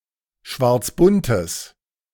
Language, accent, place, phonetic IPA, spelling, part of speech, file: German, Germany, Berlin, [ˈʃvaʁt͡sˌbʊntəs], schwarzbuntes, adjective, De-schwarzbuntes.ogg
- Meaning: strong/mixed nominative/accusative neuter singular of schwarzbunt